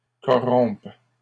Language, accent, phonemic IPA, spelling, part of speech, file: French, Canada, /kɔ.ʁɔ̃p/, corrompes, verb, LL-Q150 (fra)-corrompes.wav
- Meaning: second-person singular present subjunctive of corrompre